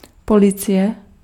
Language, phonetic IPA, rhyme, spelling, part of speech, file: Czech, [ˈpolɪt͡sɪjɛ], -ɪjɛ, policie, noun, Cs-policie.ogg
- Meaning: police